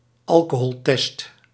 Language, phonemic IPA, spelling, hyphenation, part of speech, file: Dutch, /ˈɑl.koː.ɦɔlˌtɛst/, alcoholtest, al‧co‧hol‧test, noun, Nl-alcoholtest.ogg
- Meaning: an alcohol test (e.g. a breath test or blood test for alcohol levels)